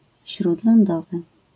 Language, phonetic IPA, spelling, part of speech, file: Polish, [ˌɕrudlɔ̃nˈdɔvɨ], śródlądowy, adjective, LL-Q809 (pol)-śródlądowy.wav